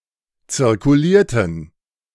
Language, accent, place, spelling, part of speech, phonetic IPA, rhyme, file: German, Germany, Berlin, zirkulierten, verb, [t͡sɪʁkuˈliːɐ̯tn̩], -iːɐ̯tn̩, De-zirkulierten.ogg
- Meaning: inflection of zirkulieren: 1. first/third-person plural preterite 2. first/third-person plural subjunctive II